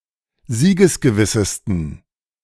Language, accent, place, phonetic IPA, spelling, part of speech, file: German, Germany, Berlin, [ˈziːɡəsɡəˌvɪsəstn̩], siegesgewissesten, adjective, De-siegesgewissesten.ogg
- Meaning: 1. superlative degree of siegesgewiss 2. inflection of siegesgewiss: strong genitive masculine/neuter singular superlative degree